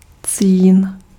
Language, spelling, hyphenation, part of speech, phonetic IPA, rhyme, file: Czech, cín, cín, noun, [ˈt͡siːn], -iːn, Cs-cín.ogg
- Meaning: tin (chemical element)